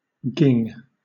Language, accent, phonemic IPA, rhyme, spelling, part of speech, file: English, Southern England, /ˈɡɪŋ/, -ɪŋ, ging, noun, LL-Q1860 (eng)-ging.wav
- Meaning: A company; troop; a gang